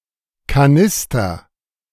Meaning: jerrycan
- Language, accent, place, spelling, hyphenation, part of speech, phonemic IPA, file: German, Germany, Berlin, Kanister, Ka‧nis‧ter, noun, /kaˈnɪs.tər/, De-Kanister.ogg